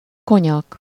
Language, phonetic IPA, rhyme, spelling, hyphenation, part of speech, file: Hungarian, [ˈkoɲɒk], -ɒk, konyak, ko‧nyak, noun, Hu-konyak.ogg
- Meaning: 1. cognac 2. brandy